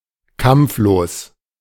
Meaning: peaceful; without argument
- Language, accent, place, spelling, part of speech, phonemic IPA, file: German, Germany, Berlin, kampflos, adjective, /ˈkampfloːs/, De-kampflos.ogg